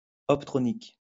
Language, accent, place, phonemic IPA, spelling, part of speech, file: French, France, Lyon, /ɔp.tʁɔ.nik/, optronique, adjective / noun, LL-Q150 (fra)-optronique.wav
- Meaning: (adjective) optronic; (noun) optronics